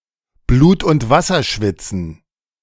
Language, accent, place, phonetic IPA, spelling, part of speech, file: German, Germany, Berlin, [bluːt ʊnt ˈvasɐ ˈʃvɪt͡sn̩], Blut und Wasser schwitzen, verb, De-Blut und Wasser schwitzen.ogg
- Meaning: to sweat bullets